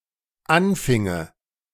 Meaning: first/third-person singular dependent subjunctive II of anfangen
- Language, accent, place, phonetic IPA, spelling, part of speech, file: German, Germany, Berlin, [ˈanˌfɪŋə], anfinge, verb, De-anfinge.ogg